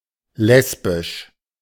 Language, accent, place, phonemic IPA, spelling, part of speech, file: German, Germany, Berlin, /ˈlɛsbɪʃ/, lesbisch, adjective, De-lesbisch.ogg
- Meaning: 1. lesbian (of a woman, attracted to other women) 2. lesbian (homosexual between women) 3. Lesbian (of or pertaining to the island of Lesbos)